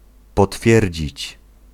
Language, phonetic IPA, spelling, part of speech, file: Polish, [pɔˈtfʲjɛrʲd͡ʑit͡ɕ], potwierdzić, verb, Pl-potwierdzić.ogg